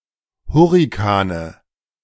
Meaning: nominative/accusative/genitive plural of Hurrikan
- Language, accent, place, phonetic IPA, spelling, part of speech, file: German, Germany, Berlin, [ˈhʊʁɪkanə], Hurrikane, noun, De-Hurrikane.ogg